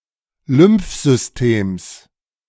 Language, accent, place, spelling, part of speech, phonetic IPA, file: German, Germany, Berlin, Lymphsystems, noun, [ˈlʏmfˌzʏsteːms], De-Lymphsystems.ogg
- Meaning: genitive singular of Lymphsystem